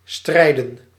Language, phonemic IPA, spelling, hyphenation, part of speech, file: Dutch, /ˈstrɛi̯.də(n)/, strijden, strij‧den, verb / noun, Nl-strijden.ogg
- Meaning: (verb) 1. to fight, to wage battle or war 2. to fight, to engage in conflict or competition; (noun) plural of strijd